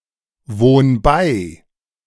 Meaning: 1. singular imperative of beiwohnen 2. first-person singular present of beiwohnen
- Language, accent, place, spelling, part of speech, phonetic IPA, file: German, Germany, Berlin, wohn bei, verb, [ˌvoːn ˈbaɪ̯], De-wohn bei.ogg